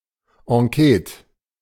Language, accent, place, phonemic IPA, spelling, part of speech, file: German, Germany, Berlin, /ãˈkɛːt(ə)/, Enquete, noun, De-Enquete.ogg
- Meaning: 1. an enquiry or survey conducted by a parliamentary body, in order to prepare or review legislation 2. short for Enquetekommission 3. a survey, enquiry, investigation in general